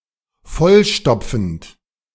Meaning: present participle of vollstopfen
- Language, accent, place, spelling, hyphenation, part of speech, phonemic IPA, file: German, Germany, Berlin, vollstopfend, voll‧stop‧fend, verb, /ˈfɔlˌʃtɔpfənt/, De-vollstopfend.ogg